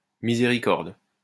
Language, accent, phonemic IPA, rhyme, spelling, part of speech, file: French, France, /mi.ze.ʁi.kɔʁd/, -ɔʁd, miséricorde, noun / interjection, LL-Q150 (fra)-miséricorde.wav
- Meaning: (noun) mercy